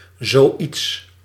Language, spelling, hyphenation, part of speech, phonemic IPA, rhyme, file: Dutch, zoiets, zo‧iets, pronoun, /zoːˈits/, -its, Nl-zoiets.ogg
- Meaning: 1. something like that, such a thing 2. such a ... thing 3. something like that, something similar, the like